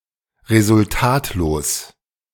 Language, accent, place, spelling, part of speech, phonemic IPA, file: German, Germany, Berlin, resultatlos, adjective, /ʁezʊlˈtaːtloːs/, De-resultatlos.ogg
- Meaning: fruitless